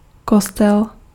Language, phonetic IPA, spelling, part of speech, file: Czech, [ˈkostɛl], kostel, noun, Cs-kostel.ogg
- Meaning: church